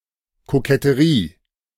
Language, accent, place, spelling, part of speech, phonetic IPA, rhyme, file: German, Germany, Berlin, Koketterie, noun, [kokɛtəˈʁiː], -iː, De-Koketterie.ogg
- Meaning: coquetry